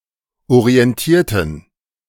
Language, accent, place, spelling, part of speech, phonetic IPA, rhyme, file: German, Germany, Berlin, orientierten, adjective / verb, [oʁiɛnˈtiːɐ̯tn̩], -iːɐ̯tn̩, De-orientierten.ogg
- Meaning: inflection of orientieren: 1. first/third-person plural preterite 2. first/third-person plural subjunctive II